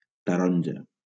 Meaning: 1. orange (fruit of an orange tree) 2. orange (colour of a ripe orange fruit)
- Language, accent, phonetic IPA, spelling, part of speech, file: Catalan, Valencia, [taˈɾɔɲ.d͡ʒa], taronja, noun, LL-Q7026 (cat)-taronja.wav